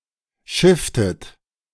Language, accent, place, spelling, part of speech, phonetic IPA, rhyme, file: German, Germany, Berlin, schifftet, verb, [ˈʃɪftət], -ɪftət, De-schifftet.ogg
- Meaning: inflection of schiffen: 1. second-person plural preterite 2. second-person plural subjunctive II